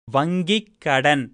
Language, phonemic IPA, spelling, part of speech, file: Tamil, /ʋɐŋɡɪkːɐɖɐn/, வங்கிக்கடன், noun, Ta-வங்கிக்கடன்.ogg
- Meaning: bank loan